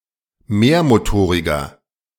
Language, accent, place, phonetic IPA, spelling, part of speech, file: German, Germany, Berlin, [ˈmeːɐ̯moˌtoːʁɪɡɐ], mehrmotoriger, adjective, De-mehrmotoriger.ogg
- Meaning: inflection of mehrmotorig: 1. strong/mixed nominative masculine singular 2. strong genitive/dative feminine singular 3. strong genitive plural